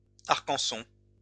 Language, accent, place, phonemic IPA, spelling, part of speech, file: French, France, Lyon, /aʁ.kɑ̃.sɔ̃/, arcanson, noun, LL-Q150 (fra)-arcanson.wav
- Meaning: rosin